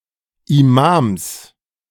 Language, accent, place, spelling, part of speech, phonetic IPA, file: German, Germany, Berlin, Imams, noun, [imaːms], De-Imams.ogg
- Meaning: genitive singular of Imam